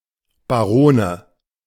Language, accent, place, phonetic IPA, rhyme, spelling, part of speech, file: German, Germany, Berlin, [baˈʁoːnə], -oːnə, Barone, noun, De-Barone.ogg
- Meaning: nominative/accusative/genitive plural of Baron